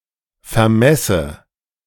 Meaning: inflection of vermessen: 1. first-person singular present 2. first/third-person singular subjunctive I
- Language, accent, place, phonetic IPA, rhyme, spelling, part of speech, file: German, Germany, Berlin, [fɛɐ̯ˈmɛsə], -ɛsə, vermesse, verb, De-vermesse.ogg